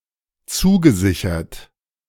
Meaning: past participle of zusichern
- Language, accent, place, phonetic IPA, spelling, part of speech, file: German, Germany, Berlin, [ˈt͡suːɡəˌzɪçɐt], zugesichert, verb, De-zugesichert.ogg